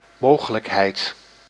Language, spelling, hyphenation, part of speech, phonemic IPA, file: Dutch, mogelijkheid, mo‧ge‧lijk‧heid, noun, /ˈmoːɣələkˌɦɛi̯t/, Nl-mogelijkheid.ogg
- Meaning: possibility